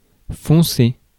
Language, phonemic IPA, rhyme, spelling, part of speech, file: French, /fɔ̃.se/, -e, foncer, verb, Fr-foncer.ogg
- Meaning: 1. to darken 2. to tear along (of person, vehicle etc.) 3. to get a move on, go for it 4. to rush at 5. to line 6. to sink, dig vertically